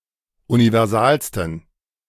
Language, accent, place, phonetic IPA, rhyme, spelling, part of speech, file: German, Germany, Berlin, [univɛʁˈzaːlstn̩], -aːlstn̩, universalsten, adjective, De-universalsten.ogg
- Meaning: 1. superlative degree of universal 2. inflection of universal: strong genitive masculine/neuter singular superlative degree